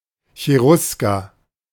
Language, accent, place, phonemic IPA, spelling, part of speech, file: German, Germany, Berlin, /çeˈʁʊskɐ/, Cherusker, noun, De-Cherusker.ogg
- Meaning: 1. Cherusci 2. a member of the Cherusci